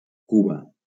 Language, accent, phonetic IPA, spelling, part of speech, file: Catalan, Valencia, [ˈku.ba], Cuba, proper noun, LL-Q7026 (cat)-Cuba.wav
- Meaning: Cuba (a country, the largest island (based on land area) in the Caribbean)